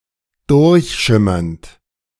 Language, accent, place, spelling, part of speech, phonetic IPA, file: German, Germany, Berlin, durchschimmernd, verb, [ˈdʊʁçˌʃɪmɐnt], De-durchschimmernd.ogg
- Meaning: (verb) present participle of durchschimmern; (adjective) gleaming